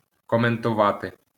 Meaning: to comment (on/upon)
- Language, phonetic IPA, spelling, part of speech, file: Ukrainian, [kɔmentʊˈʋate], коментувати, verb, LL-Q8798 (ukr)-коментувати.wav